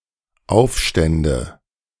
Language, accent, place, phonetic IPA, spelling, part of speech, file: German, Germany, Berlin, [ˈaʊ̯fˌʃtɛndə], aufstände, verb, De-aufstände.ogg
- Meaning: first/third-person singular dependent subjunctive II of aufstehen